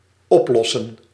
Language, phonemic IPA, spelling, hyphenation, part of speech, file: Dutch, /ˈɔpˌlɔ.sə(n)/, oplossen, op‧los‧sen, verb, Nl-oplossen.ogg
- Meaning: 1. to dissolve 2. to solve